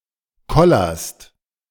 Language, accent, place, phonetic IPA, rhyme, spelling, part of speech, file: German, Germany, Berlin, [ˈkɔlɐst], -ɔlɐst, kollerst, verb, De-kollerst.ogg
- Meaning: second-person singular present of kollern